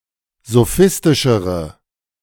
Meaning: inflection of sophistisch: 1. strong/mixed nominative/accusative feminine singular comparative degree 2. strong nominative/accusative plural comparative degree
- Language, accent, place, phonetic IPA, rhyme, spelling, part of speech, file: German, Germany, Berlin, [zoˈfɪstɪʃəʁə], -ɪstɪʃəʁə, sophistischere, adjective, De-sophistischere.ogg